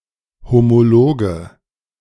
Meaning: nominative/accusative/genitive plural of Homolog
- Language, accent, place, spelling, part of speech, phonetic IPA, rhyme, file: German, Germany, Berlin, Homologe, noun, [homoˈloːɡə], -oːɡə, De-Homologe.ogg